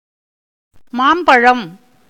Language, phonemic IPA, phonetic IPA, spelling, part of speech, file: Tamil, /mɑːmbɐɻɐm/, [mäːmbɐɻɐm], மாம்பழம், noun, Ta-மாம்பழம்.ogg
- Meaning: ripe mango